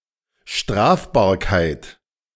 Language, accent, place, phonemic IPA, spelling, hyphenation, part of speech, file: German, Germany, Berlin, /ˈʃtʁaːfbaːɐ̯kaɪ̯t/, Strafbarkeit, Straf‧bar‧keit, noun, De-Strafbarkeit.ogg
- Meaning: punishability